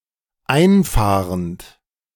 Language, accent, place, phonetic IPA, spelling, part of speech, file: German, Germany, Berlin, [ˈaɪ̯nˌfaːʁənt], einfahrend, verb, De-einfahrend.ogg
- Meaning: present participle of einfahren